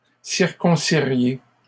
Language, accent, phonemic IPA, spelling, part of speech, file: French, Canada, /siʁ.kɔ̃.si.ʁje/, circonciriez, verb, LL-Q150 (fra)-circonciriez.wav
- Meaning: second-person plural conditional of circoncire